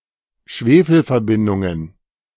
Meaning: plural of Schwefelverbindung
- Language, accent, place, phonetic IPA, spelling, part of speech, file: German, Germany, Berlin, [ˈʃveːfl̩fɛɐ̯ˌbɪndʊŋən], Schwefelverbindungen, noun, De-Schwefelverbindungen.ogg